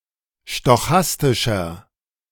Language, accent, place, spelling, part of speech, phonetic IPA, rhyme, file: German, Germany, Berlin, stochastischer, adjective, [ʃtɔˈxastɪʃɐ], -astɪʃɐ, De-stochastischer.ogg
- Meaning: inflection of stochastisch: 1. strong/mixed nominative masculine singular 2. strong genitive/dative feminine singular 3. strong genitive plural